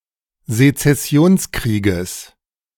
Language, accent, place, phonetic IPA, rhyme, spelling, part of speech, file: German, Germany, Berlin, [zet͡sɛˈsi̯oːnsˌkʁiːɡəs], -oːnskʁiːɡəs, Sezessionskrieges, noun, De-Sezessionskrieges.ogg
- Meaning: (noun) genitive singular of Sezessionskrieg